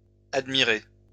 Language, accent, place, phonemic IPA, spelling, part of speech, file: French, France, Lyon, /ad.mi.ʁe/, admiré, verb, LL-Q150 (fra)-admiré.wav
- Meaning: past participle of admirer